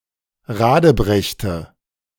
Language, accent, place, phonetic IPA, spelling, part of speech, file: German, Germany, Berlin, [ˈʁaːdəˌbʁɛçtə], radebrechte, verb, De-radebrechte.ogg
- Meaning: inflection of radebrechen: 1. first/third-person singular preterite 2. first/third-person singular subjunctive II